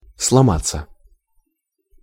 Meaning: 1. to break, to break up, to fracture, to split 2. to break down (of a device, etc.) 3. to collapse, to fall apart 4. to crack, to break (of the voice) 5. passive of слома́ть (slomátʹ)
- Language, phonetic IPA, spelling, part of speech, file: Russian, [sɫɐˈmat͡sːə], сломаться, verb, Ru-сломаться.ogg